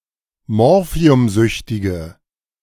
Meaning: inflection of morphiumsüchtig: 1. strong/mixed nominative/accusative feminine singular 2. strong nominative/accusative plural 3. weak nominative all-gender singular
- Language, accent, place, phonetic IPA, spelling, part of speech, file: German, Germany, Berlin, [ˈmɔʁfi̯ʊmˌzʏçtɪɡə], morphiumsüchtige, adjective, De-morphiumsüchtige.ogg